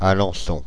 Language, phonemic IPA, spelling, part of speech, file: French, /a.lɑ̃.sɔ̃/, Alençon, proper noun, Fr-Alençon.ogg
- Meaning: Alençon (a town and commune, the prefecture of Orne department, Normandy, France)